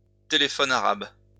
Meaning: Chinese whispers (game)
- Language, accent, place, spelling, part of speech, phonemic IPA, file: French, France, Lyon, téléphone arabe, noun, /te.le.fɔ.n‿a.ʁab/, LL-Q150 (fra)-téléphone arabe.wav